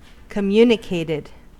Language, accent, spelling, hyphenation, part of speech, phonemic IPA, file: English, US, communicated, com‧mu‧ni‧cated, verb, /kəˈmjuːnɪkeɪtɪd/, En-us-communicated.ogg
- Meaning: simple past and past participle of communicate